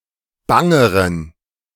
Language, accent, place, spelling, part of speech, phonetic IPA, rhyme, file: German, Germany, Berlin, bangeren, adjective, [ˈbaŋəʁən], -aŋəʁən, De-bangeren.ogg
- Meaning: inflection of bang: 1. strong genitive masculine/neuter singular comparative degree 2. weak/mixed genitive/dative all-gender singular comparative degree